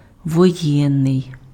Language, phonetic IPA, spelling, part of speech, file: Ukrainian, [wɔˈjɛnːei̯], воєнний, adjective, Uk-воєнний.ogg
- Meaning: war (attributive), martial